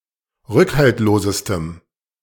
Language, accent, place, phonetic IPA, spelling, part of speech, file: German, Germany, Berlin, [ˈʁʏkhaltloːzəstəm], rückhaltlosestem, adjective, De-rückhaltlosestem.ogg
- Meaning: strong dative masculine/neuter singular superlative degree of rückhaltlos